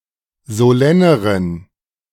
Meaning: inflection of solenn: 1. strong genitive masculine/neuter singular comparative degree 2. weak/mixed genitive/dative all-gender singular comparative degree
- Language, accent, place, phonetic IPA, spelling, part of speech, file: German, Germany, Berlin, [zoˈlɛnəʁən], solenneren, adjective, De-solenneren.ogg